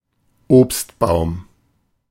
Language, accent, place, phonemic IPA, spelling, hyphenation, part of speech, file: German, Germany, Berlin, /ˈoːpstˌbaʊ̯m/, Obstbaum, Obst‧baum, noun, De-Obstbaum.ogg
- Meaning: fruit tree